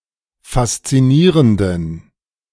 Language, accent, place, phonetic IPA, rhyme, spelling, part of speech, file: German, Germany, Berlin, [fast͡siˈniːʁəndn̩], -iːʁəndn̩, faszinierenden, adjective, De-faszinierenden.ogg
- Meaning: inflection of faszinierend: 1. strong genitive masculine/neuter singular 2. weak/mixed genitive/dative all-gender singular 3. strong/weak/mixed accusative masculine singular 4. strong dative plural